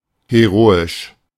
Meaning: heroic
- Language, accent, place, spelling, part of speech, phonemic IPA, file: German, Germany, Berlin, heroisch, adjective, /heˈʁoːɪʃ/, De-heroisch.ogg